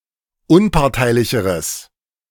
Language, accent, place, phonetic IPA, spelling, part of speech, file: German, Germany, Berlin, [ˈʊnpaʁtaɪ̯lɪçəʁəs], unparteilicheres, adjective, De-unparteilicheres.ogg
- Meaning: strong/mixed nominative/accusative neuter singular comparative degree of unparteilich